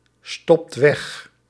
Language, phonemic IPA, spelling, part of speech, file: Dutch, /ˈstɔpt ˈwɛx/, stopt weg, verb, Nl-stopt weg.ogg
- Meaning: inflection of wegstoppen: 1. second/third-person singular present indicative 2. plural imperative